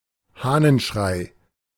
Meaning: cockcrow
- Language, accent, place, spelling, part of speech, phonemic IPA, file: German, Germany, Berlin, Hahnenschrei, noun, /ˈhɑːnənʃʁaɪ̯/, De-Hahnenschrei.ogg